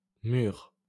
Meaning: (noun) plural of mur; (adjective) post-1990 spelling of mûrs
- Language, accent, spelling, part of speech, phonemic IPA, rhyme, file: French, France, murs, noun / adjective, /myʁ/, -yʁ, LL-Q150 (fra)-murs.wav